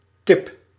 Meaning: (noun) 1. tip, extreme end of something 2. tip, small amount of money left for a waiter, taxi driver, etc. as a token of appreciation 3. filter, for a joint 4. hint, tip 5. tip, piece of good advice
- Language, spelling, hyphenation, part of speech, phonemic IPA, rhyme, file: Dutch, tip, tip, noun / verb, /tɪp/, -ɪp, Nl-tip.ogg